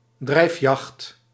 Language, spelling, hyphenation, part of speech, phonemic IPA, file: Dutch, drijfjacht, drijf‧jacht, noun, /ˈdrɛi̯f.jɑxt/, Nl-drijfjacht.ogg
- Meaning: hunt that involves driving game onward